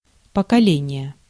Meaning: generation, age
- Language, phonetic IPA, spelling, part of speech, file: Russian, [pəkɐˈlʲenʲɪje], поколение, noun, Ru-поколение.ogg